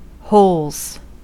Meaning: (noun) plural of hole; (verb) third-person singular simple present indicative of hole
- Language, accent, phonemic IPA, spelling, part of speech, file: English, US, /hoʊlz/, holes, noun / verb, En-us-holes.ogg